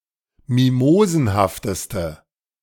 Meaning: inflection of mimosenhaft: 1. strong/mixed nominative/accusative feminine singular superlative degree 2. strong nominative/accusative plural superlative degree
- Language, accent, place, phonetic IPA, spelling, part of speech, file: German, Germany, Berlin, [ˈmimoːzn̩haftəstə], mimosenhafteste, adjective, De-mimosenhafteste.ogg